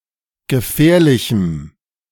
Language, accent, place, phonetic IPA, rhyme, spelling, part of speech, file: German, Germany, Berlin, [ɡəˈfɛːɐ̯lɪçm̩], -ɛːɐ̯lɪçm̩, gefährlichem, adjective, De-gefährlichem.ogg
- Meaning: strong dative masculine/neuter singular of gefährlich